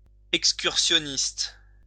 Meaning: 1. excursionist 2. hiker, walker
- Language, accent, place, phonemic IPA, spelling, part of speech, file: French, France, Lyon, /ɛk.skyʁ.sjɔ.nist/, excursionniste, noun, LL-Q150 (fra)-excursionniste.wav